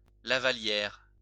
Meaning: lavaliere, pussy bow (floppy type of necktie)
- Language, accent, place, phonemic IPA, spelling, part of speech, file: French, France, Lyon, /la.va.ljɛʁ/, lavallière, noun, LL-Q150 (fra)-lavallière.wav